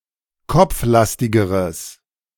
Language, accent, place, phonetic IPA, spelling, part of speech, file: German, Germany, Berlin, [ˈkɔp͡fˌlastɪɡəʁəs], kopflastigeres, adjective, De-kopflastigeres.ogg
- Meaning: strong/mixed nominative/accusative neuter singular comparative degree of kopflastig